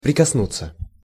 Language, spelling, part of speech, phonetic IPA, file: Russian, прикоснуться, verb, [prʲɪkɐsˈnut͡sːə], Ru-прикоснуться.ogg
- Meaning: to touch (make physical contact with)